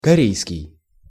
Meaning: Korean
- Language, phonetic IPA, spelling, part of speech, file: Russian, [kɐˈrʲejskʲɪj], корейский, adjective, Ru-корейский.ogg